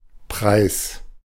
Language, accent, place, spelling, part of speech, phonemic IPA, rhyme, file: German, Germany, Berlin, Preis, noun, /pʁaɪ̯s/, -aɪ̯s, De-Preis.ogg
- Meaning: 1. price 2. prize, award